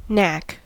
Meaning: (noun) 1. A readiness in performance; aptness at doing something 2. A petty contrivance; a toy 3. Something performed, or to be done, requiring aptness and dexterity
- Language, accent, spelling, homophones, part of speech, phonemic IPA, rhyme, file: English, US, knack, nack, noun / verb, /næk/, -æk, En-us-knack.ogg